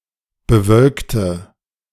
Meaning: inflection of bewölkt: 1. strong/mixed nominative/accusative feminine singular 2. strong nominative/accusative plural 3. weak nominative all-gender singular 4. weak accusative feminine/neuter singular
- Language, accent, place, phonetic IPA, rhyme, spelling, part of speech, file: German, Germany, Berlin, [bəˈvœlktə], -œlktə, bewölkte, adjective / verb, De-bewölkte.ogg